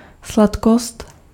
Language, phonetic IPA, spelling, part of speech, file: Czech, [ˈslatkost], sladkost, noun, Cs-sladkost.ogg
- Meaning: 1. candy (US), sweet (UK) 2. sweetness (condition of being sweet or sugary)